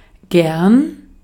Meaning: 1. willingly; gladly; with pleasure; usually expressed verbally in English, with like, enjoy etc 2. much; a lot 3. easily; often 4. Used to indicate a preference
- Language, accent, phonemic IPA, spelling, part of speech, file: German, Austria, /ɡɛrn/, gern, adverb, De-at-gern.ogg